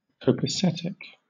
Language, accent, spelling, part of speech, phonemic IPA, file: English, Southern England, copacetic, adjective, /kəʊ.pəˈsɛt.ɪk/, LL-Q1860 (eng)-copacetic.wav
- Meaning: Fine, excellent, OK, in excellent order